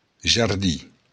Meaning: garden
- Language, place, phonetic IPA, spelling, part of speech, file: Occitan, Béarn, [(d)ʒarˈdi], jardin, noun, LL-Q14185 (oci)-jardin.wav